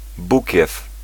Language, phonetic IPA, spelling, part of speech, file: Polish, [ˈbucɛf], bukiew, noun, Pl-bukiew.ogg